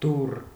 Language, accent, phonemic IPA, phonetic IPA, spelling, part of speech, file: Armenian, Eastern Armenian, /dur/, [dur], դուռ, noun, Hy-դուռ.ogg
- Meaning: 1. door 2. gate 3. mountain pass, gorge 4. court of a monarch 5. exit